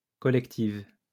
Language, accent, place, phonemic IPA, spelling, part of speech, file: French, France, Lyon, /kɔ.lɛk.tiv/, collective, adjective, LL-Q150 (fra)-collective.wav
- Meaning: feminine singular of collectif